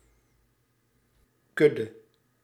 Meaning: herd; collective noun for cows, (koeien), horses (paarden), elephants (olifanten) or camels (kamelen)
- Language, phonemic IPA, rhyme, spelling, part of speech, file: Dutch, /ˈkʏdə/, -ʏdə, kudde, noun, Nl-kudde.ogg